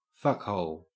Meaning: 1. The anus or vagina, especially in the context of penetrative sex 2. One's sexual partner 3. An inconsiderate, unpleasant, or rude person
- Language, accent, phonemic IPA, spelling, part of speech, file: English, Australia, /ˈfʌk.hɔl/, fuckhole, noun, En-au-fuckhole.ogg